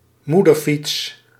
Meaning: a bicycle with a larger distance between the handlebar and the saddle, an extra low top tube and a strong rack to allow convenient use of child seats
- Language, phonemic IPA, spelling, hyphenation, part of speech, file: Dutch, /ˈmu.dərˌfits/, moederfiets, moe‧der‧fiets, noun, Nl-moederfiets.ogg